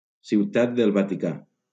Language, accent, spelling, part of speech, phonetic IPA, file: Catalan, Valencia, Ciutat del Vaticà, proper noun, [siwˈtad del va.tiˈka], LL-Q7026 (cat)-Ciutat del Vaticà.wav
- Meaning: Vatican City (a city-state in Southern Europe, an enclave within the city of Rome, Italy)